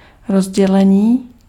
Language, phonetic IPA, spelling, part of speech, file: Czech, [ˈrozɟɛlɛɲiː], rozdělení, noun / adjective, Cs-rozdělení.ogg
- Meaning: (noun) 1. verbal noun of rozdělit 2. distribution; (adjective) animate masculine nominative/vocative plural of rozdělený